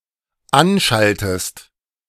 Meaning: inflection of anschalten: 1. second-person singular dependent present 2. second-person singular dependent subjunctive I
- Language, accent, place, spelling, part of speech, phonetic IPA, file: German, Germany, Berlin, anschaltest, verb, [ˈanˌʃaltəst], De-anschaltest.ogg